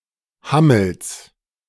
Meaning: genitive singular of Hammel
- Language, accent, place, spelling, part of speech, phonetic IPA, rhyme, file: German, Germany, Berlin, Hammels, noun, [ˈhaml̩s], -aml̩s, De-Hammels.ogg